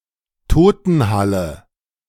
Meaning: morgue
- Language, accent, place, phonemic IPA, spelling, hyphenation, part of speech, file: German, Germany, Berlin, /ˈtoːtənhalə/, Totenhalle, To‧ten‧hal‧le, noun, De-Totenhalle.ogg